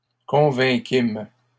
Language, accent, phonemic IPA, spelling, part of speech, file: French, Canada, /kɔ̃.vɛ̃.kim/, convainquîmes, verb, LL-Q150 (fra)-convainquîmes.wav
- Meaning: first-person plural past historic of convaincre